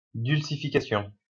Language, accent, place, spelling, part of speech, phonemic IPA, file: French, France, Lyon, dulcification, noun, /dyl.si.fi.ka.sjɔ̃/, LL-Q150 (fra)-dulcification.wav
- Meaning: softening (act or process of making softer)